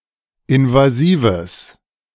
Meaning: strong/mixed nominative/accusative neuter singular of invasiv
- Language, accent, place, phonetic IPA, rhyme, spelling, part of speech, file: German, Germany, Berlin, [ɪnvaˈziːvəs], -iːvəs, invasives, adjective, De-invasives.ogg